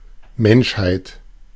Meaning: 1. humanity, mankind (human beings at large) 2. humanity, the condition or quality of being human
- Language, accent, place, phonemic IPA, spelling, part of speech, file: German, Germany, Berlin, /ˈmɛnʃhaɪ̯t/, Menschheit, noun, De-Menschheit.ogg